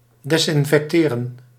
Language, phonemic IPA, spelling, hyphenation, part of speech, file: Dutch, /dɛsɪnfɛkˈteːrə(n)/, desinfecteren, des‧in‧fec‧te‧ren, verb, Nl-desinfecteren.ogg
- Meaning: to disinfect